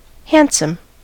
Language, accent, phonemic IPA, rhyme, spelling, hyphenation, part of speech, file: English, US, /ˈhæn.səm/, -ænsəm, handsome, hand‧some, adjective / verb, En-us-handsome.ogg
- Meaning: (adjective) Having a pleasing appearance, good-looking, attractive, particularly